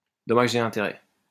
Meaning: damages
- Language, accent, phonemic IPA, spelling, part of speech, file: French, France, /dɔ.maʒ e ɛ̃.te.ʁɛ/, dommages et intérêts, noun, LL-Q150 (fra)-dommages et intérêts.wav